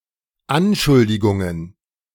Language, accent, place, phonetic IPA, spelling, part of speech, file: German, Germany, Berlin, [ˈanˌʃʊldɪɡʊŋən], Anschuldigungen, noun, De-Anschuldigungen.ogg
- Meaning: plural of Anschuldigung